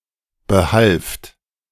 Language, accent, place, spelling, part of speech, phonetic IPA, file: German, Germany, Berlin, behalft, verb, [bəˈhalft], De-behalft.ogg
- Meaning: second-person plural preterite of behelfen